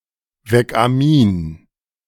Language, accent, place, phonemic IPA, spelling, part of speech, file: German, Germany, Berlin, /ˈvɛkʔaˌmiːn/, Weckamin, noun, De-Weckamin.ogg
- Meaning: analeptic amine